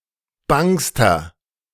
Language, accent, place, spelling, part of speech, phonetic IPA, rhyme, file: German, Germany, Berlin, bangster, adjective, [ˈbaŋstɐ], -aŋstɐ, De-bangster.ogg
- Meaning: inflection of bang: 1. strong/mixed nominative masculine singular superlative degree 2. strong genitive/dative feminine singular superlative degree 3. strong genitive plural superlative degree